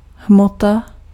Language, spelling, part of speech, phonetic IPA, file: Czech, hmota, noun, [ˈɦmota], Cs-hmota.ogg
- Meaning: matter